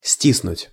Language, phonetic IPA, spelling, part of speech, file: Russian, [ˈsʲtʲisnʊtʲ], стиснуть, verb, Ru-стиснуть.ogg
- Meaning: to squeeze